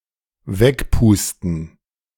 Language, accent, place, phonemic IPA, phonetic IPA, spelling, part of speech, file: German, Germany, Berlin, /ˈvɛkpuːstən/, [ˈvɛkpuːstn̩], wegpusten, verb, De-wegpusten.ogg
- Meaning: to blow away